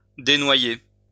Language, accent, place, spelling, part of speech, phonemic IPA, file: French, France, Lyon, dénoyer, verb, /de.nwa.je/, LL-Q150 (fra)-dénoyer.wav
- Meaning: to drain, dewater